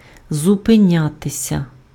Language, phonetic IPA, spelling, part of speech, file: Ukrainian, [zʊpeˈnʲatesʲɐ], зупинятися, verb, Uk-зупинятися.ogg
- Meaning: 1. to stop 2. passive of зупиня́ти (zupynjáty)